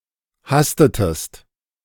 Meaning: inflection of hasten: 1. second-person singular preterite 2. second-person singular subjunctive II
- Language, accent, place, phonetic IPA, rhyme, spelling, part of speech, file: German, Germany, Berlin, [ˈhastətəst], -astətəst, hastetest, verb, De-hastetest.ogg